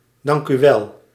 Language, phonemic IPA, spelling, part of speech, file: Dutch, /ˌdɑŋk.yˈʋɛl/, dankuwel, interjection, Nl-dankuwel.ogg
- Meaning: alternative spelling of dank u wel